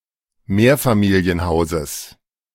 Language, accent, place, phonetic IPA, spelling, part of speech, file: German, Germany, Berlin, [ˈmeːɐ̯famiːli̯ənˌhaʊ̯zəs], Mehrfamilienhauses, noun, De-Mehrfamilienhauses.ogg
- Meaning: genitive singular of Mehrfamilienhaus